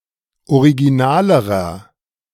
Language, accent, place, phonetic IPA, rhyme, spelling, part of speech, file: German, Germany, Berlin, [oʁiɡiˈnaːləʁɐ], -aːləʁɐ, originalerer, adjective, De-originalerer.ogg
- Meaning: inflection of original: 1. strong/mixed nominative masculine singular comparative degree 2. strong genitive/dative feminine singular comparative degree 3. strong genitive plural comparative degree